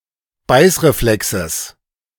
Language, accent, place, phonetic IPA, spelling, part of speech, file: German, Germany, Berlin, [ˈbaɪ̯sʁeˌflɛksəs], Beißreflexes, noun, De-Beißreflexes.ogg
- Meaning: genitive of Beißreflex